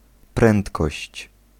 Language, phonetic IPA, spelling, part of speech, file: Polish, [ˈprɛ̃ntkɔɕt͡ɕ], prędkość, noun, Pl-prędkość.ogg